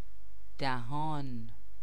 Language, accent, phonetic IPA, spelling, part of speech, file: Persian, Iran, [d̪æ.ɦɒ́ːn], دهان, noun, Fa-دهان.ogg
- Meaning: 1. mouth (cavity in the face) 2. mouth, opening